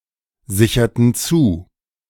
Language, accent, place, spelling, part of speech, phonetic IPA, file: German, Germany, Berlin, sicherten zu, verb, [ˌzɪçɐtn̩ ˈt͡suː], De-sicherten zu.ogg
- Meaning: inflection of zusichern: 1. first/third-person plural preterite 2. first/third-person plural subjunctive II